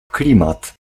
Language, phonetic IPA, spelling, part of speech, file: Polish, [ˈklʲĩmat], klimat, noun, Pl-klimat.ogg